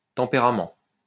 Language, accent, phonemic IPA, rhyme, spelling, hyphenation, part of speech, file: French, France, /tɑ̃.pe.ʁa.mɑ̃/, -ɑ̃, tempérament, tem‧pé‧ra‧ment, noun, LL-Q150 (fra)-tempérament.wav
- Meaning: 1. temperament, character 2. mollifying, tempering